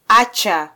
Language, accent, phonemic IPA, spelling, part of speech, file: Swahili, Kenya, /ˈɑ.tʃɑ/, acha, verb, Sw-ke-acha.flac
- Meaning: 1. to leave 2. to abandon 3. to stop, cease, quit 4. to allow